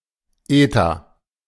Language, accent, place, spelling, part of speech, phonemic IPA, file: German, Germany, Berlin, Eta, noun, /ˈeːta/, De-Eta.ogg
- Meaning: eta (Greek letter)